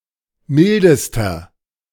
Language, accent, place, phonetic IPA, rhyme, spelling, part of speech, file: German, Germany, Berlin, [ˈmɪldəstɐ], -ɪldəstɐ, mildester, adjective, De-mildester.ogg
- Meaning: inflection of mild: 1. strong/mixed nominative masculine singular superlative degree 2. strong genitive/dative feminine singular superlative degree 3. strong genitive plural superlative degree